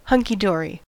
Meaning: Alternative form of hunky dory
- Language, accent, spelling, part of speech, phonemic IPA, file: English, US, hunky-dory, adjective, /hʌŋkiˈdɔːri/, En-us-hunky-dory.ogg